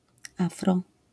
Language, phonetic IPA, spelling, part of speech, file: Polish, [ˈafrɔ], afro, noun / adjective, LL-Q809 (pol)-afro.wav